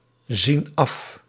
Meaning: inflection of afzien: 1. plural present indicative 2. plural present subjunctive
- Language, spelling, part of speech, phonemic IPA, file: Dutch, zien af, verb, /ˈzin ˈɑf/, Nl-zien af.ogg